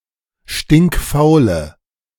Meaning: inflection of stinkfaul: 1. strong/mixed nominative/accusative feminine singular 2. strong nominative/accusative plural 3. weak nominative all-gender singular
- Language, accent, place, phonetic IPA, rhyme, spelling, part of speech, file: German, Germany, Berlin, [ˌʃtɪŋkˈfaʊ̯lə], -aʊ̯lə, stinkfaule, adjective, De-stinkfaule.ogg